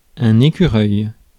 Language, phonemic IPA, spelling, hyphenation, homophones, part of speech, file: French, /e.ky.ʁœj/, écureuil, é‧cu‧reuil, écureuils, noun, Fr-écureuil.ogg
- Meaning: squirrel